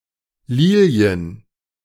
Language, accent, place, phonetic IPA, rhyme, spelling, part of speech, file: German, Germany, Berlin, [ˈliːli̯ən], -iːli̯ən, Lilien, noun, De-Lilien.ogg
- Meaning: plural of Lilie